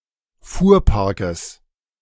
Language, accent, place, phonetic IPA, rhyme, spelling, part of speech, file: German, Germany, Berlin, [ˈfuːɐ̯ˌpaʁkəs], -uːɐ̯paʁkəs, Fuhrparkes, noun, De-Fuhrparkes.ogg
- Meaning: genitive singular of Fuhrpark